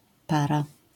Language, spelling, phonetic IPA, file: Polish, para-, [ˈpara], LL-Q809 (pol)-para-.wav